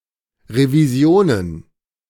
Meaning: plural of Revision
- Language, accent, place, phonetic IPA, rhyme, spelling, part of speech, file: German, Germany, Berlin, [ʁeviˈzi̯oːnən], -oːnən, Revisionen, noun, De-Revisionen.ogg